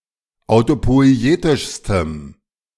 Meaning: strong dative masculine/neuter singular superlative degree of autopoietisch
- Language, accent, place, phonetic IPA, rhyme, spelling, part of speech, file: German, Germany, Berlin, [aʊ̯topɔɪ̯ˈeːtɪʃstəm], -eːtɪʃstəm, autopoietischstem, adjective, De-autopoietischstem.ogg